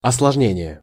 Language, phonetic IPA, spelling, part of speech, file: Russian, [ɐsɫɐʐˈnʲenʲɪje], осложнение, noun, Ru-осложнение.ogg
- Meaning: complication (the act or process of complicating; the state of being complicated; intricate or confused relation of parts; entanglement)